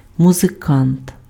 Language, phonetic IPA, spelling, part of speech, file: Ukrainian, [mʊzeˈkant], музикант, noun, Uk-музикант.ogg
- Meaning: musician